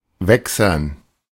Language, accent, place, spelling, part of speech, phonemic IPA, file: German, Germany, Berlin, wächsern, adjective, /ˈvɛksɐn/, De-wächsern.ogg
- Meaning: 1. wax 2. waxy